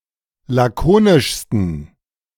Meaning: 1. superlative degree of lakonisch 2. inflection of lakonisch: strong genitive masculine/neuter singular superlative degree
- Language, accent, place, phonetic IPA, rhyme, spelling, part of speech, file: German, Germany, Berlin, [ˌlaˈkoːnɪʃstn̩], -oːnɪʃstn̩, lakonischsten, adjective, De-lakonischsten.ogg